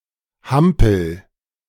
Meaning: inflection of hampeln: 1. first-person singular present 2. singular imperative
- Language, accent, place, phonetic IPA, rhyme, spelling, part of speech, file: German, Germany, Berlin, [ˈhampl̩], -ampl̩, hampel, verb, De-hampel.ogg